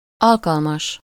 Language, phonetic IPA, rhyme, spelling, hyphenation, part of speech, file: Hungarian, [ˈɒlkɒlmɒʃ], -ɒʃ, alkalmas, al‧kal‧mas, adjective, Hu-alkalmas.ogg
- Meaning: 1. suitable, suited, fitting (for a task: -ra/-re; for a post: -nak/-nek) 2. -session, -visit, -trip (valid for a given number of occasions)